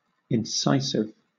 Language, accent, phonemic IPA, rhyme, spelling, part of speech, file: English, Southern England, /ɪnˈsaɪ.sɪv/, -aɪsɪv, incisive, adjective, LL-Q1860 (eng)-incisive.wav
- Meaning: 1. Intelligently analytical and concise. (of a person or mental process) 2. Intelligently analytical and concise. (of a person or mental process): Accurate and sharply focused. (of an account)